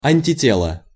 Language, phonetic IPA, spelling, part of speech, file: Russian, [ˌanʲtʲɪˈtʲeɫə], антитело, noun, Ru-антитело.ogg
- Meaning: antibody (protein that binds to a specific antigen)